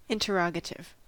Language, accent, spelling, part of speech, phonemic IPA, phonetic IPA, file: English, General American, interrogative, adjective / noun, /ˌɪn.təˈɹɑ.ɡə.tɪv/, [ˌɪn.təˈɹɑ.ɡə.ɾɪv], En-us-interrogative.ogg
- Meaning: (adjective) 1. Asking or denoting a question 2. Pertaining to inquiry; questioning